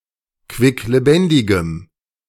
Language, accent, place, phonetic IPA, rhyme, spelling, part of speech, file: German, Germany, Berlin, [kvɪkleˈbɛndɪɡəm], -ɛndɪɡəm, quicklebendigem, adjective, De-quicklebendigem.ogg
- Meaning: strong dative masculine/neuter singular of quicklebendig